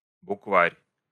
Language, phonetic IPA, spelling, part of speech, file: Russian, [bʊkˈvarʲ], букварь, noun, Ru-букварь.ogg
- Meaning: ABC book, primer